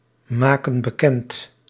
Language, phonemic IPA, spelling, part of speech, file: Dutch, /ˈmakə(n) bəˈkɛnt/, maken bekend, verb, Nl-maken bekend.ogg
- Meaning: inflection of bekendmaken: 1. plural present indicative 2. plural present subjunctive